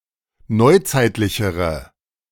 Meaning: inflection of neuzeitlich: 1. strong/mixed nominative/accusative feminine singular comparative degree 2. strong nominative/accusative plural comparative degree
- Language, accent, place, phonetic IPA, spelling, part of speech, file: German, Germany, Berlin, [ˈnɔɪ̯ˌt͡saɪ̯tlɪçəʁə], neuzeitlichere, adjective, De-neuzeitlichere.ogg